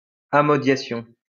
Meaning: leasing / renting (of land or a farm)
- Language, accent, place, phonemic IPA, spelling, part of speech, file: French, France, Lyon, /a.mɔ.dja.sjɔ̃/, amodiation, noun, LL-Q150 (fra)-amodiation.wav